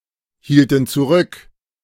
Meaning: inflection of zurückhalten: 1. first/third-person plural preterite 2. first/third-person plural subjunctive II
- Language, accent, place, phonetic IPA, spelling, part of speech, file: German, Germany, Berlin, [ˌhiːltn̩ t͡suˈʁʏk], hielten zurück, verb, De-hielten zurück.ogg